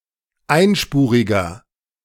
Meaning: inflection of einspurig: 1. strong/mixed nominative masculine singular 2. strong genitive/dative feminine singular 3. strong genitive plural
- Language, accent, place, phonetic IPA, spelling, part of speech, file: German, Germany, Berlin, [ˈaɪ̯nˌʃpuːʁɪɡɐ], einspuriger, adjective, De-einspuriger.ogg